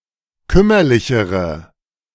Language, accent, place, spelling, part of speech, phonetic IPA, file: German, Germany, Berlin, kümmerlichere, adjective, [ˈkʏmɐlɪçəʁə], De-kümmerlichere.ogg
- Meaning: inflection of kümmerlich: 1. strong/mixed nominative/accusative feminine singular comparative degree 2. strong nominative/accusative plural comparative degree